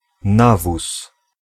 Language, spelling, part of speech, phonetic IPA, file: Polish, nawóz, noun, [ˈnavus], Pl-nawóz.ogg